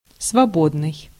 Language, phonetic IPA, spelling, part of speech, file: Russian, [svɐˈbodnɨj], свободный, adjective, Ru-свободный.ogg
- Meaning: 1. free (not subject to limitations, not subject to rigid control) 2. free, unrestricted, free access 3. free, vacant, unoccupied, empty, spare 4. loose, spacious, loose-fitting